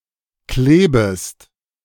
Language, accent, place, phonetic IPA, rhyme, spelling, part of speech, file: German, Germany, Berlin, [ˈkleːbəst], -eːbəst, klebest, verb, De-klebest.ogg
- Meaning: second-person singular subjunctive I of kleben